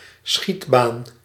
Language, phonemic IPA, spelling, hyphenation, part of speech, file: Dutch, /ˈsxit.baːn/, schietbaan, schiet‧baan, noun, Nl-schietbaan.ogg
- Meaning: shooting range, shooting gallery